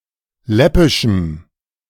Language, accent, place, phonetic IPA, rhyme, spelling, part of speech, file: German, Germany, Berlin, [ˈlɛpɪʃm̩], -ɛpɪʃm̩, läppischem, adjective, De-läppischem.ogg
- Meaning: strong dative masculine/neuter singular of läppisch